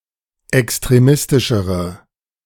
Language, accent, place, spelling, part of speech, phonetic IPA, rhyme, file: German, Germany, Berlin, extremistischere, adjective, [ɛkstʁeˈmɪstɪʃəʁə], -ɪstɪʃəʁə, De-extremistischere.ogg
- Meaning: inflection of extremistisch: 1. strong/mixed nominative/accusative feminine singular comparative degree 2. strong nominative/accusative plural comparative degree